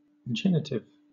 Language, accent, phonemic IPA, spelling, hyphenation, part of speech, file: English, Southern England, /ˈd͡ʒɛnɪtɪv/, genitive, gen‧it‧ive, adjective / noun, LL-Q1860 (eng)-genitive.wav